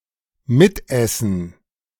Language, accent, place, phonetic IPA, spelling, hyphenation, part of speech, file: German, Germany, Berlin, [ˈmɪtˌʔɛsn̩], mitessen, mit‧es‧sen, verb, De-mitessen.ogg
- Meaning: to partake (in eating), to eat along